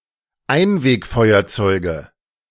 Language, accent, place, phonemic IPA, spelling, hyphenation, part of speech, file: German, Germany, Berlin, /ˈaɪ̯nveːkˌfɔɪ̯ɐt͡sɔɪ̯ɡə/, Einwegfeuerzeuge, Ein‧weg‧feu‧er‧zeu‧ge, noun, De-Einwegfeuerzeuge.ogg
- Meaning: nominative/accusative/genitive plural of Einwegfeuerzeug